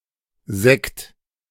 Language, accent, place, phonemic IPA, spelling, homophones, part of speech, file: German, Germany, Berlin, /zɛkt/, Sekt, säckt, noun, De-Sekt.ogg
- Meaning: 1. sparkling wine 2. sack (light-colored dry wine from southern Europe, especially Spain)